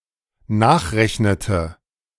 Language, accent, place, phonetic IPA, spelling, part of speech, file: German, Germany, Berlin, [ˈnaːxˌʁɛçnətə], nachrechnete, verb, De-nachrechnete.ogg
- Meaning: inflection of nachrechnen: 1. first/third-person singular dependent preterite 2. first/third-person singular dependent subjunctive II